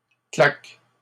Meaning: plural of claque
- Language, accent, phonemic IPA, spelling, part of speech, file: French, Canada, /klak/, claques, noun, LL-Q150 (fra)-claques.wav